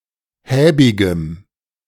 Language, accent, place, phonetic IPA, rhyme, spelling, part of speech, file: German, Germany, Berlin, [ˈhɛːbɪɡəm], -ɛːbɪɡəm, häbigem, adjective, De-häbigem.ogg
- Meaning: strong dative masculine/neuter singular of häbig